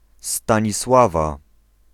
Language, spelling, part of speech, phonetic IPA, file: Polish, Stanisława, proper noun / noun, [ˌstãɲiˈswava], Pl-Stanisława.ogg